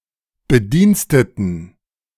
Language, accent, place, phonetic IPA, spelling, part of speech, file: German, Germany, Berlin, [bəˈdiːnstətn̩], Bediensteten, noun, De-Bediensteten.ogg
- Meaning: inflection of Bediensteter: 1. genitive singular 2. strong genitive singular 3. strong dative plural 4. strong accusative singular 5. weak nominative plural 6. weak genitive singular